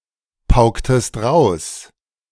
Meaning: inflection of pauken: 1. second-person plural preterite 2. second-person plural subjunctive II
- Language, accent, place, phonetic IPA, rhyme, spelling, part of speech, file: German, Germany, Berlin, [ˈpaʊ̯ktət], -aʊ̯ktət, pauktet, verb, De-pauktet.ogg